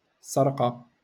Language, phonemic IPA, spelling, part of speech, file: Moroccan Arabic, /sar.qa/, سرقة, noun, LL-Q56426 (ary)-سرقة.wav
- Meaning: stealing, theft, robbery